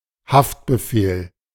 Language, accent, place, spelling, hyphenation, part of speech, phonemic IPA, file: German, Germany, Berlin, Haftbefehl, Haft‧be‧fehl, noun, /ˈhaftbəˌfeːl/, De-Haftbefehl.ogg
- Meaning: arrest warrant